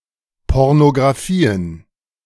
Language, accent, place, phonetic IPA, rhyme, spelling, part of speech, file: German, Germany, Berlin, [ˌpɔʁnoɡʁaˈfiːən], -iːən, Pornografien, noun, De-Pornografien.ogg
- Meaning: plural of Pornografie